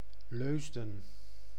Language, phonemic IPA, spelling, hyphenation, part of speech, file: Dutch, /ˈløːs.də(n)/, Leusden, Leus‧den, proper noun, Nl-Leusden.ogg
- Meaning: a town and municipality of Utrecht, Netherlands